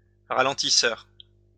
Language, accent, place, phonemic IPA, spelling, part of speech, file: French, France, Lyon, /ʁa.lɑ̃.ti.sœʁ/, ralentisseur, noun / adjective, LL-Q150 (fra)-ralentisseur.wav
- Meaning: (noun) speed bump; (adjective) that forces people to slow down